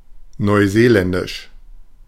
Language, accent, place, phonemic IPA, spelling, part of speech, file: German, Germany, Berlin, /nɔɪ̯ˈzeːˌlɛndɪʃ/, neuseeländisch, adjective, De-neuseeländisch.ogg
- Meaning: of New Zealand